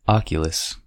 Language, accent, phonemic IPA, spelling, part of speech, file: English, General American, /ˈɑk.jə.ləs/, oculus, noun, En-us-oculus.ogg
- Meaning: A window or other opening that has an oval or circular shape (as of an eye).: 1. The central boss of a volute 2. An opening at the apex of a dome